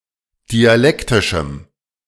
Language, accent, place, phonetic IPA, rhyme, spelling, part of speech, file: German, Germany, Berlin, [diaˈlɛktɪʃm̩], -ɛktɪʃm̩, dialektischem, adjective, De-dialektischem.ogg
- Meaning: strong dative masculine/neuter singular of dialektisch